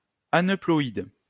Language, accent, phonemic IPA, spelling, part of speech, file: French, France, /a.nœ.plɔ.id/, aneuploïde, adjective, LL-Q150 (fra)-aneuploïde.wav
- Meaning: aneuploid